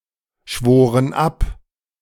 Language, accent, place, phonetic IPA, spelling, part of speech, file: German, Germany, Berlin, [ˌʃvoːʁən ˈap], schworen ab, verb, De-schworen ab.ogg
- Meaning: inflection of abschwören: 1. first/third-person plural preterite 2. first/third-person plural subjunctive II